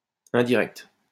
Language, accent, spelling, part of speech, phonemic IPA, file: French, France, indirect, adjective, /ɛ̃.di.ʁɛkt/, LL-Q150 (fra)-indirect.wav
- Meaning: indirect